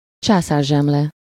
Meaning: Kaiser roll
- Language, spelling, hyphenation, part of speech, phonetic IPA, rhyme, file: Hungarian, császárzsemle, csá‧szár‧zsem‧le, noun, [ˈt͡ʃaːsaːrʒɛmlɛ], -lɛ, Hu-császárzsemle.ogg